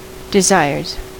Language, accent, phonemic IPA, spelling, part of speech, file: English, US, /dɪˈzaɪɹz/, desires, noun / verb, En-us-desires.ogg
- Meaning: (noun) plural of desire; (verb) third-person singular simple present indicative of desire